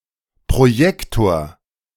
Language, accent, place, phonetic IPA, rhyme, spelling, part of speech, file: German, Germany, Berlin, [pʁoˈjɛktoːɐ̯], -ɛktoːɐ̯, Projektor, noun, De-Projektor.ogg
- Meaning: projector